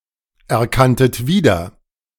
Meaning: second-person plural preterite of wiedererkennen
- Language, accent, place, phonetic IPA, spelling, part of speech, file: German, Germany, Berlin, [ɛɐ̯ˌkantət ˈviːdɐ], erkanntet wieder, verb, De-erkanntet wieder.ogg